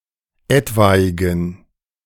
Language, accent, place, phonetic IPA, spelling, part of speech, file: German, Germany, Berlin, [ˈɛtvaɪ̯ɡn̩], etwaigen, adjective, De-etwaigen.ogg
- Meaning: inflection of etwaig: 1. strong genitive masculine/neuter singular 2. weak/mixed genitive/dative all-gender singular 3. strong/weak/mixed accusative masculine singular 4. strong dative plural